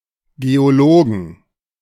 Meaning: 1. genitive singular of Geologe 2. plural of Geologe
- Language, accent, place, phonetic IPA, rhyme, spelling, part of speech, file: German, Germany, Berlin, [ɡeoˈloːɡn̩], -oːɡn̩, Geologen, noun, De-Geologen.ogg